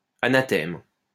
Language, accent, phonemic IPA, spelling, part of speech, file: French, France, /a.na.tɛm/, anathème, noun, LL-Q150 (fra)-anathème.wav
- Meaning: anathema (ban or curse)